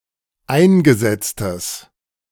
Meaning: strong/mixed nominative/accusative neuter singular of eingesetzt
- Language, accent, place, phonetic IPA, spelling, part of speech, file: German, Germany, Berlin, [ˈaɪ̯nɡəˌzɛt͡stəs], eingesetztes, adjective, De-eingesetztes.ogg